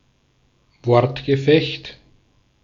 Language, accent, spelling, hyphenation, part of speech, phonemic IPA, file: German, Austria, Wortgefecht, Wort‧ge‧fecht, noun, /ˈvɔʁtɡəˌfɛçt/, De-at-Wortgefecht.ogg
- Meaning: war of words